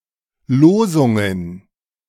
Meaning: plural of Losung
- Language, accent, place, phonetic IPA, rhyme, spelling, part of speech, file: German, Germany, Berlin, [ˈloːzʊŋən], -oːzʊŋən, Losungen, noun, De-Losungen.ogg